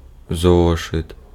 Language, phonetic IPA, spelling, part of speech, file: Ukrainian, [ˈzɔʃet], зошит, noun, Uk-зошит.ogg
- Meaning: exercise book, notebook